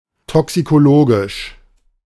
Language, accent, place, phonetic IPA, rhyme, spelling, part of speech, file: German, Germany, Berlin, [ˌtɔksikoˈloːɡɪʃ], -oːɡɪʃ, toxikologisch, adjective, De-toxikologisch.ogg
- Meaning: toxicological